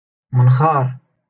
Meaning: nostril
- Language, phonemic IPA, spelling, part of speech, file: Moroccan Arabic, /man.xaːr/, منخار, noun, LL-Q56426 (ary)-منخار.wav